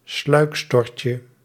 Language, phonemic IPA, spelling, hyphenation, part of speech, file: Dutch, /ˈslœy̯k.stɔr.tjə/, sluikstortje, sluik‧stort‧je, noun, Nl-sluikstortje.ogg
- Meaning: diminutive of sluikstort